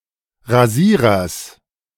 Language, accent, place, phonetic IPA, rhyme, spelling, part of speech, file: German, Germany, Berlin, [ʁaˈziːʁɐs], -iːʁɐs, Rasierers, noun, De-Rasierers.ogg
- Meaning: genitive singular of Rasierer